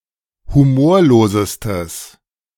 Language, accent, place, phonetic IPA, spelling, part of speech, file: German, Germany, Berlin, [huˈmoːɐ̯loːzəstəs], humorlosestes, adjective, De-humorlosestes.ogg
- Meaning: strong/mixed nominative/accusative neuter singular superlative degree of humorlos